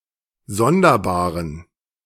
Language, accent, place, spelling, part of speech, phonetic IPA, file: German, Germany, Berlin, sonderbaren, adjective, [ˈzɔndɐˌbaːʁən], De-sonderbaren.ogg
- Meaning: inflection of sonderbar: 1. strong genitive masculine/neuter singular 2. weak/mixed genitive/dative all-gender singular 3. strong/weak/mixed accusative masculine singular 4. strong dative plural